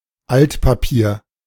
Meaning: waste paper
- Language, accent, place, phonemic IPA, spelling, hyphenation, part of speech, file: German, Germany, Berlin, /ˈaltpaˌpiːɐ̯/, Altpapier, Alt‧pa‧pier, noun, De-Altpapier.ogg